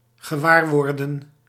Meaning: to become aware of, to notice
- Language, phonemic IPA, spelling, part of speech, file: Dutch, /ɣəˈʋaːrʋɔrdə(n)/, gewaarworden, verb, Nl-gewaarworden.ogg